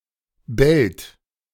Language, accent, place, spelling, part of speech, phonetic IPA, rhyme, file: German, Germany, Berlin, bellt, verb, [bɛlt], -ɛlt, De-bellt.ogg
- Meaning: inflection of bellen: 1. second-person plural present 2. third-person singular present 3. plural imperative